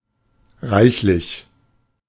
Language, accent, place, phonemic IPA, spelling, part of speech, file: German, Germany, Berlin, /ˈʁaɪ̯çlɪç/, reichlich, adjective / adverb, De-reichlich.ogg
- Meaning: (adjective) more than enough, abundant, copious, plentiful; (adverb) 1. abundantly, copiously 2. quite, rather, all too 3. more than, upwards of